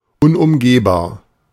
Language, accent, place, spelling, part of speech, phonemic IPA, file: German, Germany, Berlin, unumgehbar, adjective, /ʊnʔʊmˈɡeːbaːɐ̯/, De-unumgehbar.ogg
- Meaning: inevitable